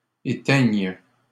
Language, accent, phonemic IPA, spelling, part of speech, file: French, Canada, /e.tɛɲ/, éteigne, verb, LL-Q150 (fra)-éteigne.wav
- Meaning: first/third-person singular present subjunctive of éteindre